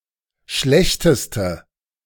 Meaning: inflection of schlecht: 1. strong/mixed nominative/accusative feminine singular superlative degree 2. strong nominative/accusative plural superlative degree
- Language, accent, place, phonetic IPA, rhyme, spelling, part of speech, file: German, Germany, Berlin, [ˈʃlɛçtəstə], -ɛçtəstə, schlechteste, adjective, De-schlechteste.ogg